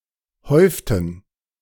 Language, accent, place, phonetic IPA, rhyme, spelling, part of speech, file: German, Germany, Berlin, [ˈhɔɪ̯ftn̩], -ɔɪ̯ftn̩, häuften, verb, De-häuften.ogg
- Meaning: inflection of häufen: 1. first/third-person plural preterite 2. first/third-person plural subjunctive II